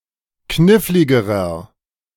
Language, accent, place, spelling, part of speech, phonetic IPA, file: German, Germany, Berlin, kniffligerer, adjective, [ˈknɪflɪɡəʁɐ], De-kniffligerer.ogg
- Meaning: inflection of knifflig: 1. strong/mixed nominative masculine singular comparative degree 2. strong genitive/dative feminine singular comparative degree 3. strong genitive plural comparative degree